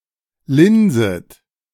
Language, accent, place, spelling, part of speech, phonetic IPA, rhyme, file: German, Germany, Berlin, linset, verb, [ˈlɪnzət], -ɪnzət, De-linset.ogg
- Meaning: second-person plural subjunctive I of linsen